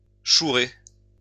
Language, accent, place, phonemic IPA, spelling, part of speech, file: French, France, Lyon, /ʃu.ʁe/, chourer, verb, LL-Q150 (fra)-chourer.wav
- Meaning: to steal